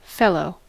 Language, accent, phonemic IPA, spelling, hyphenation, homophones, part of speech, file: English, General American, /ˈfɛ.loʊ/, fellow, fel‧low, felloe, noun / verb, En-us-fellow.ogg
- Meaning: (noun) 1. A companion; a comrade 2. An animal which is a member of a breed or species, or a flock, herd, etc 3. An object which is associated with another object; especially, as part of a set